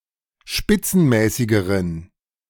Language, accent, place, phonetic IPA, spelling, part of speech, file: German, Germany, Berlin, [ˈʃpɪt͡sn̩ˌmɛːsɪɡəʁən], spitzenmäßigeren, adjective, De-spitzenmäßigeren.ogg
- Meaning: inflection of spitzenmäßig: 1. strong genitive masculine/neuter singular comparative degree 2. weak/mixed genitive/dative all-gender singular comparative degree